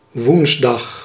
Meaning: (noun) Wednesday; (adverb) on Wednesday
- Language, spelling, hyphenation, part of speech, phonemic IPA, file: Dutch, woensdag, woens‧dag, noun / adverb, /ˈʋuns.dɑx/, Nl-woensdag.ogg